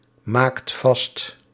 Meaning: inflection of vastmaken: 1. second/third-person singular present indicative 2. plural imperative
- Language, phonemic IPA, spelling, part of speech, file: Dutch, /ˈmakt ˈvɑst/, maakt vast, verb, Nl-maakt vast.ogg